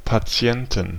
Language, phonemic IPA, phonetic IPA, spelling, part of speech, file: German, /paˈtsi̯ɛntən/, [pʰaˈtsi̯ɛntn̩], Patienten, noun, De-Patienten.ogg
- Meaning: 1. genitive singular of Patient 2. dative singular of Patient 3. accusative singular of Patient 4. nominative plural of Patient 5. genitive plural of Patient 6. dative plural of Patient